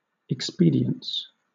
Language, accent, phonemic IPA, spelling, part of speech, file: English, Southern England, /ɛkˈspiː.dɪ.əns/, expedience, noun, LL-Q1860 (eng)-expedience.wav
- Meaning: 1. The quality of being fit or suitable to cause some desired end or the purpose intended; propriety or advisability under the particular circumstances of a case 2. Speed, haste or urgency